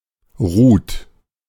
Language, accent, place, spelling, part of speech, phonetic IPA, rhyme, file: German, Germany, Berlin, Ruth, proper noun, [ʁuːt], -uːt, De-Ruth.ogg
- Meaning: 1. Ruth (biblical character) 2. a female given name, equivalent to English Ruth